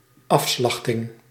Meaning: massacre
- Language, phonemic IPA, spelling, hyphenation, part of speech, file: Dutch, /ˈɑfˌslɑx.tɪŋ/, afslachting, af‧slach‧ting, noun, Nl-afslachting.ogg